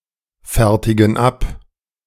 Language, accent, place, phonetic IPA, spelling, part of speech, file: German, Germany, Berlin, [ˌfɛʁtɪɡn̩ ˈap], fertigen ab, verb, De-fertigen ab.ogg
- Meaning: inflection of abfertigen: 1. first/third-person plural present 2. first/third-person plural subjunctive I